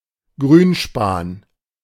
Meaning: 1. copper acetate, Cuprum aceticum 2. verdigris
- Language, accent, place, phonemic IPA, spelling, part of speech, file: German, Germany, Berlin, /ˈɡʁyːnˌʃpaːn/, Grünspan, noun, De-Grünspan.ogg